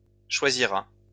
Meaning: third-person singular future of choisir
- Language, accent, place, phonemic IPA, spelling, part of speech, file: French, France, Lyon, /ʃwa.zi.ʁa/, choisira, verb, LL-Q150 (fra)-choisira.wav